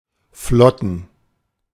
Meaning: plural of Flotte
- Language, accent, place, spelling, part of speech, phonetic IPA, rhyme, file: German, Germany, Berlin, Flotten, noun, [ˈflɔtn̩], -ɔtn̩, De-Flotten.ogg